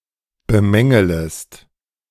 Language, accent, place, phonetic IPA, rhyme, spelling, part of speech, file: German, Germany, Berlin, [bəˈmɛŋələst], -ɛŋələst, bemängelest, verb, De-bemängelest.ogg
- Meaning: second-person singular subjunctive I of bemängeln